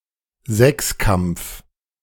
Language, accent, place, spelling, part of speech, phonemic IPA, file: German, Germany, Berlin, Sechskampf, noun, /ˈzɛksˌkamp͡f/, De-Sechskampf.ogg
- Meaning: hexathlon